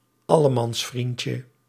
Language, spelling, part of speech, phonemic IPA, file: Dutch, allemansvriendje, noun, /ˈɑləmɑnsfrincə/, Nl-allemansvriendje.ogg
- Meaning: diminutive of allemansvriend